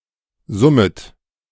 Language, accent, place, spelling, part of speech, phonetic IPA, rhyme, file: German, Germany, Berlin, summet, verb, [ˈzʊmət], -ʊmət, De-summet.ogg
- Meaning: second-person plural subjunctive I of summen